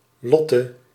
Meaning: a diminutive of the female given name Charlotte
- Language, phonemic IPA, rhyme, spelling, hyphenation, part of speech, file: Dutch, /ˈlɔ.tə/, -ɔtə, Lotte, Lot‧te, proper noun, Nl-Lotte.ogg